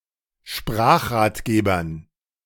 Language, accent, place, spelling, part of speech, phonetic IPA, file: German, Germany, Berlin, Sprachratgebern, noun, [ˈʃpʁaːxʁaːtˌɡeːbɐn], De-Sprachratgebern.ogg
- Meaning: dative plural of Sprachratgeber